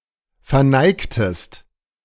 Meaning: inflection of verneigen: 1. second-person singular preterite 2. second-person singular subjunctive II
- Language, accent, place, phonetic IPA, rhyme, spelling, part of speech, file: German, Germany, Berlin, [fɛɐ̯ˈnaɪ̯ktəst], -aɪ̯ktəst, verneigtest, verb, De-verneigtest.ogg